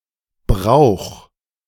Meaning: 1. singular imperative of brauchen 2. first-person singular present of brauchen 3. third-person singular present of brauchen
- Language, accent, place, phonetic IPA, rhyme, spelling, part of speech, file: German, Germany, Berlin, [bʁaʊ̯x], -aʊ̯x, brauch, verb, De-brauch.ogg